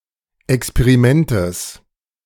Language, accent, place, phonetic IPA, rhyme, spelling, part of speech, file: German, Germany, Berlin, [ɛkspeʁiˈmɛntəs], -ɛntəs, Experimentes, noun, De-Experimentes.ogg
- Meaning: genitive singular of Experiment